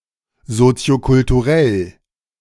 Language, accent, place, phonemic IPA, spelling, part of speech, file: German, Germany, Berlin, /ˌzoːt͡si̯okʊltuˈʁɛl/, soziokulturell, adjective, De-soziokulturell.ogg
- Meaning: sociocultural